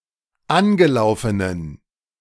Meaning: inflection of angelaufen: 1. strong genitive masculine/neuter singular 2. weak/mixed genitive/dative all-gender singular 3. strong/weak/mixed accusative masculine singular 4. strong dative plural
- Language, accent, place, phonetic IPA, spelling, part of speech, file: German, Germany, Berlin, [ˈanɡəˌlaʊ̯fənən], angelaufenen, adjective, De-angelaufenen.ogg